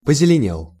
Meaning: masculine singular past indicative perfective of позелене́ть (pozelenétʹ)
- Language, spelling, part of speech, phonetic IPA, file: Russian, позеленел, verb, [pəzʲɪlʲɪˈnʲeɫ], Ru-позеленел.ogg